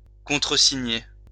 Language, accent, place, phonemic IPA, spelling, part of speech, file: French, France, Lyon, /kɔ̃.tʁə.si.ɲe/, contresigner, verb, LL-Q150 (fra)-contresigner.wav
- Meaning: to countersign